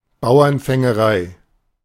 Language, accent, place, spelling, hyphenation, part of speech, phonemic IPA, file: German, Germany, Berlin, Bauernfängerei, Bau‧ern‧fän‧ge‧rei, noun, /ˈbaʊ̯ɐnfɛŋəˌʁaɪ̯/, De-Bauernfängerei.ogg
- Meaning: con, confidence trick